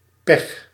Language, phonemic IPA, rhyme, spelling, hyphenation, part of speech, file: Dutch, /pɛx/, -ɛx, pech, pech, noun, Nl-pech.ogg
- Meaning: 1. bad luck; misfortune 2. breakdown, e.g. of a car